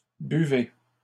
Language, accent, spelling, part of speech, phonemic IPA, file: French, Canada, buvez, verb, /by.ve/, LL-Q150 (fra)-buvez.wav
- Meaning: inflection of boire: 1. second-person plural present indicative 2. second-person plural imperative